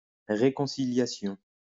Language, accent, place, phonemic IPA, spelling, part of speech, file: French, France, Lyon, /ʁe.kɔ̃.si.lja.sjɔ̃/, réconciliation, noun, LL-Q150 (fra)-réconciliation.wav
- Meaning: reconciliation, making up (re-establishment of friendly relations; conciliation, rapprochement)